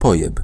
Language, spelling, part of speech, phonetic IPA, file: Polish, pojeb, noun / verb, [ˈpɔjɛp], Pl-pojeb.ogg